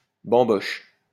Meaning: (noun) 1. large marionette 2. small person 3. feast 4. bamboo stalk used to make canes 5. knotty cane of bamboo 6. trick, cheat, deception 7. joke
- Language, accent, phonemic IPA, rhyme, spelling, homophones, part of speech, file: French, France, /bɑ̃.bɔʃ/, -ɔʃ, bamboche, bambochent / bamboches, noun / verb, LL-Q150 (fra)-bamboche.wav